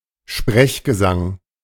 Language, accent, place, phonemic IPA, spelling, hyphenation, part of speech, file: German, Germany, Berlin, /ˈʃpʁɛçɡəˌzaŋ/, Sprechgesang, Sprech‧ge‧sang, noun, De-Sprechgesang.ogg
- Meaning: 1. sprechgesang: a technique of vocal production halfway between singing and speaking 2. vocals in rap music, toasting